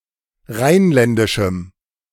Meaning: strong dative masculine/neuter singular of rheinländisch
- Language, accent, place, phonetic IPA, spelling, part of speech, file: German, Germany, Berlin, [ˈʁaɪ̯nˌlɛndɪʃm̩], rheinländischem, adjective, De-rheinländischem.ogg